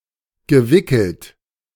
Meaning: past participle of wickeln
- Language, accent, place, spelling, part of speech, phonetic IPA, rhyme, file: German, Germany, Berlin, gewickelt, verb, [ɡəˈvɪkl̩t], -ɪkl̩t, De-gewickelt.ogg